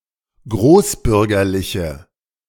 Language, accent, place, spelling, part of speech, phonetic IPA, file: German, Germany, Berlin, großbürgerliche, adjective, [ˈɡʁoːsˌbʏʁɡɐlɪçə], De-großbürgerliche.ogg
- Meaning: inflection of großbürgerlich: 1. strong/mixed nominative/accusative feminine singular 2. strong nominative/accusative plural 3. weak nominative all-gender singular